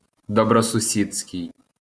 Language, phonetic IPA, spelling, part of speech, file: Ukrainian, [dɔbrɔsʊˈsʲid͡zʲsʲkei̯], добросусідський, adjective, LL-Q8798 (ukr)-добросусідський.wav
- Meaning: neighbourly, good-neighbourly (showing the qualities of a friendly and helpful neighbour)